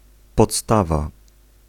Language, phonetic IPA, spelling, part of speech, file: Polish, [pɔtˈstava], podstawa, noun, Pl-podstawa.ogg